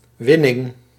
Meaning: 1. acquisition, gain 2. extraction
- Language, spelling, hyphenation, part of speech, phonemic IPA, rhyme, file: Dutch, winning, win‧ning, noun, /ˈʋɪ.nɪŋ/, -ɪnɪŋ, Nl-winning.ogg